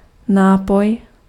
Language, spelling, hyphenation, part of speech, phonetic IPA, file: Czech, nápoj, ná‧poj, noun, [ˈnaːpoj], Cs-nápoj.ogg
- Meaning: beverage, drink